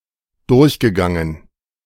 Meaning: past participle of durchgehen
- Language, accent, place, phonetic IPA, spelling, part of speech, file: German, Germany, Berlin, [ˈdʊʁçɡəˌɡaŋən], durchgegangen, verb, De-durchgegangen.ogg